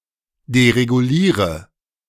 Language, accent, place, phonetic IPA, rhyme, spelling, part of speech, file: German, Germany, Berlin, [deʁeɡuˈliːʁə], -iːʁə, dereguliere, verb, De-dereguliere.ogg
- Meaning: inflection of deregulieren: 1. first-person singular present 2. singular imperative 3. first/third-person singular subjunctive I